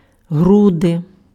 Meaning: thorax, chest, breast, bosom
- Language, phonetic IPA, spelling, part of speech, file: Ukrainian, [ˈɦrude], груди, noun, Uk-груди.ogg